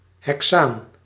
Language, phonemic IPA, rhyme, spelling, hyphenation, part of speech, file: Dutch, /ɦɛkˈsaːn/, -aːn, hexaan, he‧xaan, noun, Nl-hexaan.ogg
- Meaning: hexane